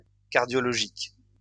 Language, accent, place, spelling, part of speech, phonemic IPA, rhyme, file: French, France, Lyon, cardiologique, adjective, /kaʁ.djɔ.lɔ.ʒik/, -ik, LL-Q150 (fra)-cardiologique.wav
- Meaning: 1. cardiac 2. cardiological